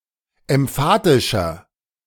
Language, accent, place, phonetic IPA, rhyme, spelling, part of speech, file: German, Germany, Berlin, [ɛmˈfaːtɪʃɐ], -aːtɪʃɐ, emphatischer, adjective, De-emphatischer.ogg
- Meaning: 1. comparative degree of emphatisch 2. inflection of emphatisch: strong/mixed nominative masculine singular 3. inflection of emphatisch: strong genitive/dative feminine singular